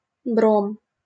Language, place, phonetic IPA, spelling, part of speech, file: Russian, Saint Petersburg, [brom], бром, noun, LL-Q7737 (rus)-бром.wav
- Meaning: 1. bromine 2. mixture with bromide